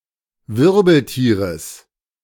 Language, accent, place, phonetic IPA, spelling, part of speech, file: German, Germany, Berlin, [ˈvɪʁbl̩ˌtiːʁəs], Wirbeltieres, noun, De-Wirbeltieres.ogg
- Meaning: genitive singular of Wirbeltier